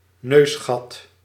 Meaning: nostril
- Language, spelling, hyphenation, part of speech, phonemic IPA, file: Dutch, neusgat, neus‧gat, noun, /ˈnøsxɑt/, Nl-neusgat.ogg